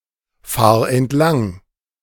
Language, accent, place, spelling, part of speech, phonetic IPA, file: German, Germany, Berlin, fahr entlang, verb, [ˌfaːɐ̯ ɛntˈlaŋ], De-fahr entlang.ogg
- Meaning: singular imperative of entlangfahren